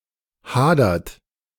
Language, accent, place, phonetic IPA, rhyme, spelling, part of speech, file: German, Germany, Berlin, [ˈhaːdɐt], -aːdɐt, hadert, verb, De-hadert.ogg
- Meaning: inflection of hadern: 1. second-person plural present 2. third-person singular present 3. plural imperative